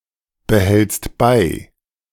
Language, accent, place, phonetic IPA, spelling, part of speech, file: German, Germany, Berlin, [bəˌhɛlt͡st ˈbaɪ̯], behältst bei, verb, De-behältst bei.ogg
- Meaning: second-person singular present of beibehalten